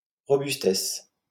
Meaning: robustness
- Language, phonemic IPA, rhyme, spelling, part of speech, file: French, /ʁɔ.bys.tɛs/, -ɛs, robustesse, noun, LL-Q150 (fra)-robustesse.wav